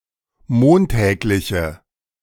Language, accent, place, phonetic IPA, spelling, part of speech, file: German, Germany, Berlin, [ˈmoːnˌtɛːklɪçə], montägliche, adjective, De-montägliche.ogg
- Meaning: inflection of montäglich: 1. strong/mixed nominative/accusative feminine singular 2. strong nominative/accusative plural 3. weak nominative all-gender singular